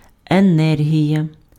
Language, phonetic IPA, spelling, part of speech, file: Ukrainian, [eˈnɛrɦʲijɐ], енергія, noun, Uk-енергія.ogg
- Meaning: energy